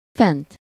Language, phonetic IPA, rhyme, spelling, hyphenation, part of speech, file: Hungarian, [ˈfɛnt], -ɛnt, fent, fent, adverb / verb / noun, Hu-fent.ogg
- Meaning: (adverb) 1. above, up 2. upstairs 3. up, awake; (verb) 1. third-person singular indicative past indefinite of fen 2. past participle of fen; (noun) accusative singular of fen